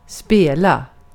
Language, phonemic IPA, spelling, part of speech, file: Swedish, /²speːla/, spela, verb, Sv-spela.ogg
- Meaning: 1. to play; a game, a tune, a melody, an instrument or a role 2. to gamble 3. to wind (ropes and such)